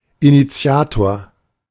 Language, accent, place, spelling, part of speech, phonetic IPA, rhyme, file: German, Germany, Berlin, Initiator, noun, [iniˈt͡si̯aːtoːɐ̯], -aːtoːɐ̯, De-Initiator.ogg
- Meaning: 1. initiator, one who initiates (male or of unspecified gender) 2. initiator